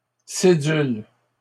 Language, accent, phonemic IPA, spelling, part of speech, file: French, Canada, /se.dyl/, cédule, noun, LL-Q150 (fra)-cédule.wav
- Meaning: 1. debt certificate, borrower's note, payment agreement 2. note 3. schedule